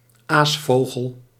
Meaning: 1. bird feeding on carrion, vulture 2. vulture, a person who profits from the suffering of others
- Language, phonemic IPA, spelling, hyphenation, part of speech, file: Dutch, /ˈaːsˌfoː.ɣəl/, aasvogel, aas‧vo‧gel, noun, Nl-aasvogel.ogg